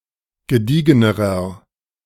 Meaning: inflection of gediegen: 1. strong/mixed nominative masculine singular comparative degree 2. strong genitive/dative feminine singular comparative degree 3. strong genitive plural comparative degree
- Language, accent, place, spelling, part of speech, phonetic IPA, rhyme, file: German, Germany, Berlin, gediegenerer, adjective, [ɡəˈdiːɡənəʁɐ], -iːɡənəʁɐ, De-gediegenerer.ogg